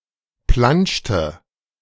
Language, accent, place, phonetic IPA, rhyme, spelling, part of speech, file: German, Germany, Berlin, [ˈplanʃtə], -anʃtə, planschte, verb, De-planschte.ogg
- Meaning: inflection of planschen: 1. first/third-person singular preterite 2. first/third-person singular subjunctive II